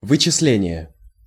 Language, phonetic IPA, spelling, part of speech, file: Russian, [vɨt͡ɕɪs⁽ʲ⁾ˈlʲenʲɪje], вычисление, noun, Ru-вычисление.ogg
- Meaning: calculation, computation, calculating, computing, reckoning (the act or process of computing)